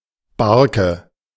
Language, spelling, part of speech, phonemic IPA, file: German, Barke, noun, /ˈbarkə/, De-Barke.ogg
- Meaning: (small) boat